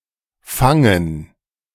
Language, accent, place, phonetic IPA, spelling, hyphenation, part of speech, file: German, Germany, Berlin, [ˈfaŋŋ̩], fangen, fan‧gen, verb, De-fangen2.ogg
- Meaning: 1. to catch (grab something flying in the air) 2. to catch; to capture (to take hold of a person or an animal) 3. to improve in health; do well again; to do better 4. to calm down; to compose oneself